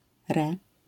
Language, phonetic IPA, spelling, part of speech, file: Polish, [rɛ], re-, prefix, LL-Q809 (pol)-re-.wav